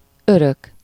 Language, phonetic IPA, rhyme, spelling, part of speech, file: Hungarian, [ˈørøk], -øk, örök, adjective / noun / adverb, Hu-örök.ogg
- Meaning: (adjective) eternal, perpetual; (noun) 1. inheritance 2. keeps (not for borrowing but as a gift, once and for all)